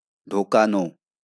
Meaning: to cause to enter, to insert, to put inside
- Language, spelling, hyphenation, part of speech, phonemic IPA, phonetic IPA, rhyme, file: Bengali, ঢোকানো, ঢো‧কা‧নো, verb, /ɖʰo.ka.no/, [ˈɖ̟ʱo.kaˌno], -ano, LL-Q9610 (ben)-ঢোকানো.wav